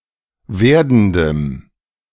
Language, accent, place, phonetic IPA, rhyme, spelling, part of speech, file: German, Germany, Berlin, [ˈveːɐ̯dn̩dəm], -eːɐ̯dn̩dəm, werdendem, adjective, De-werdendem.ogg
- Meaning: strong dative masculine/neuter singular of werdend